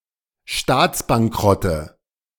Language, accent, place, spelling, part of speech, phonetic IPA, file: German, Germany, Berlin, Staatsbankrotte, noun, [ˈʃtaːt͡sbaŋˌkʁɔtə], De-Staatsbankrotte.ogg
- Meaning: nominative/accusative/genitive plural of Staatsbankrott